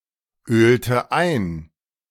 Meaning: inflection of einölen: 1. first/third-person singular preterite 2. first/third-person singular subjunctive II
- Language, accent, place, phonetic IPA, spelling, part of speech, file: German, Germany, Berlin, [ˌøːltə ˈaɪ̯n], ölte ein, verb, De-ölte ein.ogg